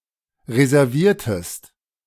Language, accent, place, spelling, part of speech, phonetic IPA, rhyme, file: German, Germany, Berlin, reserviertest, verb, [ʁezɛʁˈviːɐ̯təst], -iːɐ̯təst, De-reserviertest.ogg
- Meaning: inflection of reservieren: 1. second-person singular preterite 2. second-person singular subjunctive II